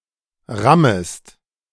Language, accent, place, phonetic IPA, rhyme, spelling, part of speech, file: German, Germany, Berlin, [ˈʁaməst], -aməst, rammest, verb, De-rammest.ogg
- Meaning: second-person singular subjunctive I of rammen